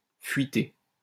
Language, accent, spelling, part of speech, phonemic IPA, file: French, France, fuiter, verb, /fɥi.te/, LL-Q150 (fra)-fuiter.wav
- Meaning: to get leaked